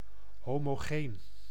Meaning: homogeneous
- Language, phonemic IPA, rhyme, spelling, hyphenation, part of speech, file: Dutch, /ɦoː.moːˈɣeːn/, -eːn, homogeen, ho‧mo‧geen, adjective, Nl-homogeen.ogg